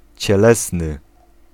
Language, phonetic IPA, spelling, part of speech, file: Polish, [t͡ɕɛˈlɛsnɨ], cielesny, adjective, Pl-cielesny.ogg